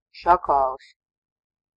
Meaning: jackal
- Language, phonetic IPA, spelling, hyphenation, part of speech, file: Latvian, [ʃakaːlis], šakālis, ša‧kā‧lis, noun, Lv-šakālis.ogg